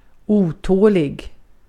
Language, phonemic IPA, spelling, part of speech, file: Swedish, /²uːˌtoːlɪ(ɡ)/, otålig, adjective, Sv-otålig.ogg
- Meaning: impatient (restless and intolerant of delays)